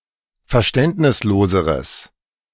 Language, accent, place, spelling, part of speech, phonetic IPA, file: German, Germany, Berlin, verständnisloseres, adjective, [fɛɐ̯ˈʃtɛntnɪsˌloːzəʁəs], De-verständnisloseres.ogg
- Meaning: strong/mixed nominative/accusative neuter singular comparative degree of verständnislos